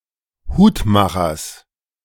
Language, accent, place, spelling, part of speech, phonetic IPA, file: German, Germany, Berlin, Hutmachers, noun, [ˈhuːtˌmaxɐs], De-Hutmachers.ogg
- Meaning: genitive of Hutmacher